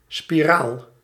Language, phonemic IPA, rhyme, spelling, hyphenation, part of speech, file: Dutch, /spiˈraːl/, -aːl, spiraal, spi‧raal, noun, Nl-spiraal.ogg
- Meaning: 1. a spiral 2. an intrauterine device, a IUD